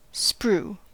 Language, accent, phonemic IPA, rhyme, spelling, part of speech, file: English, US, /spɹuː/, -uː, sprue, noun / verb, En-us-sprue.ogg
- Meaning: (noun) 1. A tropical disease causing a sore throat and tongue, and disturbed digestion; psilosis 2. A channel through which molten metal is poured into the mold during the casting process